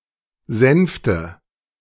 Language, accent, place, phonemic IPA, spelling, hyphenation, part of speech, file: German, Germany, Berlin, /ˈzɛnftə/, Sänfte, Sänf‧te, noun, De-Sänfte.ogg
- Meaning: 1. softness 2. litter (raised bed or couch used as a mode of transport)